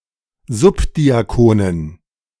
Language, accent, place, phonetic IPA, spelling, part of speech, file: German, Germany, Berlin, [ˈzʊpdiaˌkoːnən], Subdiakonen, noun, De-Subdiakonen.ogg
- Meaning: dative plural of Subdiakon